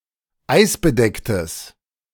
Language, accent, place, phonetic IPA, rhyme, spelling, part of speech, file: German, Germany, Berlin, [ˈaɪ̯sbəˌdɛktəs], -aɪ̯sbədɛktəs, eisbedecktes, adjective, De-eisbedecktes.ogg
- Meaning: strong/mixed nominative/accusative neuter singular of eisbedeckt